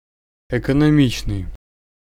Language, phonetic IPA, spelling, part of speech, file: Russian, [ɪkənɐˈmʲit͡ɕnɨj], экономичный, adjective, Ru-экономичный.ogg
- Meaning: economical in terms of efficiency, efficient